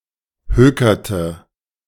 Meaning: inflection of hökern: 1. first/third-person singular preterite 2. first/third-person singular subjunctive II
- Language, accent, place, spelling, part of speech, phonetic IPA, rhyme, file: German, Germany, Berlin, hökerte, verb, [ˈhøːkɐtə], -øːkɐtə, De-hökerte.ogg